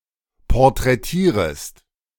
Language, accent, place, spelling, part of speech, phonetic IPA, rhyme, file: German, Germany, Berlin, porträtierest, verb, [pɔʁtʁɛˈtiːʁəst], -iːʁəst, De-porträtierest.ogg
- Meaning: second-person singular subjunctive I of porträtieren